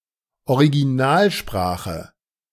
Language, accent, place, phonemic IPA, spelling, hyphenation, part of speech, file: German, Germany, Berlin, /oʁiɡiˈnaːlˌʃpʁaːxə/, Originalsprache, Ori‧gi‧nal‧spra‧che, noun, De-Originalsprache.ogg
- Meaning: original language (of a work)